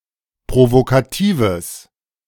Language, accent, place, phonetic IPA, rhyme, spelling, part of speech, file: German, Germany, Berlin, [pʁovokaˈtiːvəs], -iːvəs, provokatives, adjective, De-provokatives.ogg
- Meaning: strong/mixed nominative/accusative neuter singular of provokativ